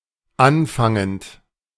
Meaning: present participle of anfangen
- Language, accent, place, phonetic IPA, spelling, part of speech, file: German, Germany, Berlin, [ˈanˌfaŋənt], anfangend, verb, De-anfangend.ogg